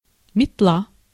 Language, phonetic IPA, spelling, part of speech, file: Russian, [mʲɪtˈɫa], метла, noun, Ru-метла.ogg
- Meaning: broom, besom (verbal noun of мести́ (mestí) (nomen instrumenti))